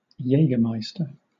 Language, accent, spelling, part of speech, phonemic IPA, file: English, Southern England, Jägermeister, proper noun / noun, /ˈjeɪɡərmaɪstər/, LL-Q1860 (eng)-Jägermeister.wav
- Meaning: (proper noun) A German digestif flavored with a mixture of herbs and spices; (noun) A serving of Jägermeister